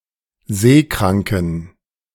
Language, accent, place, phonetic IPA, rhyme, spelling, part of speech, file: German, Germany, Berlin, [ˈzeːˌkʁaŋkn̩], -eːkʁaŋkn̩, seekranken, adjective, De-seekranken.ogg
- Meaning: inflection of seekrank: 1. strong genitive masculine/neuter singular 2. weak/mixed genitive/dative all-gender singular 3. strong/weak/mixed accusative masculine singular 4. strong dative plural